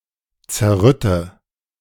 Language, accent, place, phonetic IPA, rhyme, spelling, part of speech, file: German, Germany, Berlin, [t͡sɛɐ̯ˈʁʏtə], -ʏtə, zerrütte, verb, De-zerrütte.ogg
- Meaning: inflection of zerrütten: 1. first-person singular present 2. first/third-person singular subjunctive I 3. singular imperative